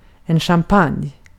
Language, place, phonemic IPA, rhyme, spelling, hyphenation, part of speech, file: Swedish, Gotland, /ɧamˈpanj/, -anj, champagne, cham‧pagne, noun, Sv-champagne.ogg
- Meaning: champagne (wine from the Champagne region)